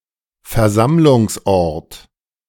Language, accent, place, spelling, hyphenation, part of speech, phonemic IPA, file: German, Germany, Berlin, Versammlungsort, Ver‧samm‧lungs‧ort, noun, /fɛɐ̯ˈzamlʊŋsˌ.ɔrt/, De-Versammlungsort.ogg
- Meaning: meeting place, place of assembly, gathering place, meeting location